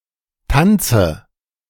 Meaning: inflection of tanzen: 1. first-person singular present 2. first/third-person singular subjunctive I 3. singular imperative
- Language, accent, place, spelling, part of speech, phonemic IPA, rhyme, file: German, Germany, Berlin, tanze, verb, /ˈtantsə/, -antsə, De-tanze.ogg